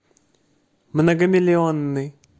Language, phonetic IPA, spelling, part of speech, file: Russian, [mnəɡəmʲɪlʲɪˈonːɨj], многомиллионный, adjective, Ru-многомиллионный.ogg
- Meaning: multimillion, of many millions